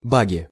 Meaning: nominative/accusative plural of баг (bag)
- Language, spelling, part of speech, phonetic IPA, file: Russian, баги, noun, [ˈbaɡʲɪ], Ru-баги.ogg